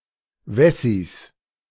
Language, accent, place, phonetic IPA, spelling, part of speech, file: German, Germany, Berlin, [ˈvɛsis], Wessis, noun, De-Wessis.ogg
- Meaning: 1. genitive singular of Wessi m 2. plural of Wessi